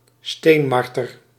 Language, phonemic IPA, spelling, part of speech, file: Dutch, /ˈstemɑrtər/, steenmarter, noun, Nl-steenmarter.ogg
- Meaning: beech marten (Martes foina)